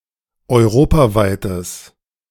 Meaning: strong/mixed nominative/accusative neuter singular of europaweit
- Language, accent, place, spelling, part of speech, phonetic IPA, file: German, Germany, Berlin, europaweites, adjective, [ɔɪ̯ˈʁoːpaˌvaɪ̯təs], De-europaweites.ogg